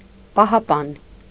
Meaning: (noun) 1. guard, keeper, protector, sentinel, watchman 2. amulet, talisman; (adjective) protecting, keeping
- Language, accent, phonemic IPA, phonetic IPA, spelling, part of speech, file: Armenian, Eastern Armenian, /pɑhɑˈpɑn/, [pɑhɑpɑ́n], պահապան, noun / adjective, Hy-պահապան.ogg